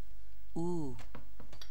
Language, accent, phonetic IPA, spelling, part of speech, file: Persian, Iran, [ʔuː], او, pronoun, Fa-او.ogg
- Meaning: 1. she, he, they (meaning the third-person singular, of unknown or irrelevant gender, but animate) 2. colloquial form of آن (ân, “it”)